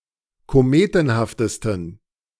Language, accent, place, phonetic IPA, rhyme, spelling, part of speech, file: German, Germany, Berlin, [koˈmeːtn̩haftəstn̩], -eːtn̩haftəstn̩, kometenhaftesten, adjective, De-kometenhaftesten.ogg
- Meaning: 1. superlative degree of kometenhaft 2. inflection of kometenhaft: strong genitive masculine/neuter singular superlative degree